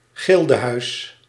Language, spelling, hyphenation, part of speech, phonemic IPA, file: Dutch, gildehuis, gil‧de‧huis, noun, /ˈɣɪl.dəˌɦœy̯s/, Nl-gildehuis.ogg
- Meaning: guildhall (building used by a guild)